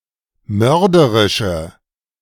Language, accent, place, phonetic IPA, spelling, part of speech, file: German, Germany, Berlin, [ˈmœʁdəʁɪʃə], mörderische, adjective, De-mörderische.ogg
- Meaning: inflection of mörderisch: 1. strong/mixed nominative/accusative feminine singular 2. strong nominative/accusative plural 3. weak nominative all-gender singular